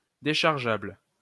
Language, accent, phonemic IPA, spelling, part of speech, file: French, France, /de.ʃaʁ.ʒabl/, déchargeable, adjective, LL-Q150 (fra)-déchargeable.wav
- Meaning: downloadable